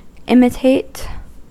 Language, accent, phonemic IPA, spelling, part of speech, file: English, US, /ˈɪmɪteɪt/, imitate, verb, En-us-imitate.ogg
- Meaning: To follow as a model or a pattern; to make a copy, counterpart or semblance of